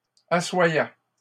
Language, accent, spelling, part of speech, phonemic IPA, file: French, Canada, assoyait, verb, /a.swa.jɛ/, LL-Q150 (fra)-assoyait.wav
- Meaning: third-person singular imperfect indicative of asseoir